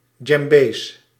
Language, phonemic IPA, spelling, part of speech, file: Dutch, /ˈdʒɛmbes/, djembés, noun, Nl-djembés.ogg
- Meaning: plural of djembé